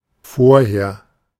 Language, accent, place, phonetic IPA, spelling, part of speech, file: German, Germany, Berlin, [ˈfoːɐ̯.heːɐ̯], vorher, adverb, De-vorher.ogg
- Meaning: beforehand, previously, before (a previously mentioned point or action)